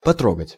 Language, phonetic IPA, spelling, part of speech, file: Russian, [pɐˈtroɡətʲ], потрогать, verb, Ru-потрогать.ogg
- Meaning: to touch